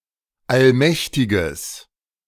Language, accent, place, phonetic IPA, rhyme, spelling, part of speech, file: German, Germany, Berlin, [alˈmɛçtɪɡəs], -ɛçtɪɡəs, allmächtiges, adjective, De-allmächtiges.ogg
- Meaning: strong/mixed nominative/accusative neuter singular of allmächtig